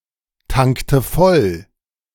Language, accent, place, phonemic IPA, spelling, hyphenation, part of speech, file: German, Germany, Berlin, /ˌtaŋktə ˈfɔl/, tankte voll, tankte voll, verb, De-tankte voll.ogg
- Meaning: inflection of volltanken: 1. first/third-person singular preterite 2. first/third-person singular subjunctive II